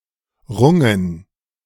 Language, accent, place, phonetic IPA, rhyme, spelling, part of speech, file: German, Germany, Berlin, [ˈʁʊŋən], -ʊŋən, Rungen, noun, De-Rungen.ogg
- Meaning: plural of Runge